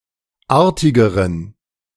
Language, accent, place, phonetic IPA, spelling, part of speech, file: German, Germany, Berlin, [ˈaːɐ̯tɪɡəʁən], artigeren, adjective, De-artigeren.ogg
- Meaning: inflection of artig: 1. strong genitive masculine/neuter singular comparative degree 2. weak/mixed genitive/dative all-gender singular comparative degree